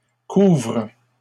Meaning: inflection of couvrir: 1. first/third-person singular present indicative/subjunctive 2. second-person singular imperative
- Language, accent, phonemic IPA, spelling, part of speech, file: French, Canada, /kuvʁ/, couvre, verb, LL-Q150 (fra)-couvre.wav